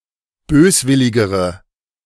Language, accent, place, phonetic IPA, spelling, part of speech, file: German, Germany, Berlin, [ˈbøːsˌvɪlɪɡəʁə], böswilligere, adjective, De-böswilligere.ogg
- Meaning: inflection of böswillig: 1. strong/mixed nominative/accusative feminine singular comparative degree 2. strong nominative/accusative plural comparative degree